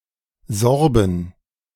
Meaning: 1. genitive/dative/accusative singular of Sorbe 2. plural of Sorbe
- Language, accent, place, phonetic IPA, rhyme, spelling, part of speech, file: German, Germany, Berlin, [ˈzɔʁbn̩], -ɔʁbn̩, Sorben, noun, De-Sorben.ogg